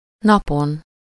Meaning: superessive singular of nap
- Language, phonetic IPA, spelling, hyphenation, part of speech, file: Hungarian, [ˈnɒpon], napon, na‧pon, noun, Hu-napon.ogg